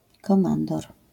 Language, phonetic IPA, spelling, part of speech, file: Polish, [kɔ̃ˈmãndɔr], komandor, noun, LL-Q809 (pol)-komandor.wav